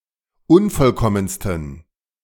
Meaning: 1. superlative degree of unvollkommen 2. inflection of unvollkommen: strong genitive masculine/neuter singular superlative degree
- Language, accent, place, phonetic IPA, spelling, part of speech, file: German, Germany, Berlin, [ˈʊnfɔlˌkɔmənstn̩], unvollkommensten, adjective, De-unvollkommensten.ogg